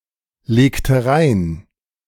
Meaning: inflection of reinlegen: 1. first/third-person singular preterite 2. first/third-person singular subjunctive II
- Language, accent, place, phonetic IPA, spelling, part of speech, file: German, Germany, Berlin, [ˌleːktə ˈʁaɪ̯n], legte rein, verb, De-legte rein.ogg